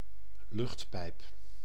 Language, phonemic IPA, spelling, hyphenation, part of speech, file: Dutch, /ˈlʏxt.pɛi̯p/, luchtpijp, lucht‧pijp, noun, Nl-luchtpijp.ogg
- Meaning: 1. air shaft 2. windpipe, trachea